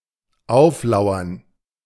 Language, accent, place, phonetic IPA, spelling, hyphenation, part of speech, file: German, Germany, Berlin, [ˈaʊ̯fˌlaʊ̯ɐn], auflauern, auf‧lau‧ern, verb, De-auflauern.ogg
- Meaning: to lie in wait for, to ambush